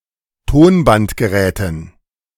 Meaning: dative plural of Tonbandgerät
- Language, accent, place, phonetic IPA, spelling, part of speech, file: German, Germany, Berlin, [ˈtoːnbantɡəˌʁɛːtn̩], Tonbandgeräten, noun, De-Tonbandgeräten.ogg